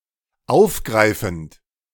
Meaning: present participle of aufgreifen
- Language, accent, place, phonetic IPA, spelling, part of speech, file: German, Germany, Berlin, [ˈaʊ̯fˌɡʁaɪ̯fn̩t], aufgreifend, verb, De-aufgreifend.ogg